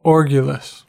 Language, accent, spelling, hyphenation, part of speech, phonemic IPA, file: English, General American, orgulous, or‧gul‧ous, adjective, /ˈɔɹɡjələs/, En-us-orgulous.ogg
- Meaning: 1. Arrogant, haughty, proud 2. Ostentatious; showy 3. Swollen; augmented; excessive 4. Dangerous, threatening